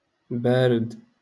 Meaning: 1. cold 2. dull
- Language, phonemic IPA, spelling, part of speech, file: Moroccan Arabic, /baː.rid/, بارد, adjective, LL-Q56426 (ary)-بارد.wav